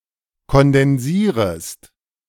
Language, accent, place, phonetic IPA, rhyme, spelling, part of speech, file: German, Germany, Berlin, [kɔndɛnˈziːʁəst], -iːʁəst, kondensierest, verb, De-kondensierest.ogg
- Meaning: second-person singular subjunctive I of kondensieren